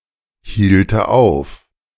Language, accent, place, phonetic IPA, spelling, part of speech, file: German, Germany, Berlin, [ˌhiːltə ˈaʊ̯f], hielte auf, verb, De-hielte auf.ogg
- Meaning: first/third-person singular subjunctive II of aufhalten